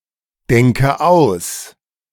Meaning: inflection of ausdenken: 1. first-person singular present 2. first/third-person singular subjunctive I 3. singular imperative
- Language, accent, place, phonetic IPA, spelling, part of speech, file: German, Germany, Berlin, [ˌdɛŋkə ˈaʊ̯s], denke aus, verb, De-denke aus.ogg